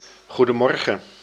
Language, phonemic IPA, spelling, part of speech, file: Dutch, /ˌɣu.dəˈmɔr.ɣə(n)/, goedemorgen, interjection, Nl-goedemorgen.ogg
- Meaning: good morning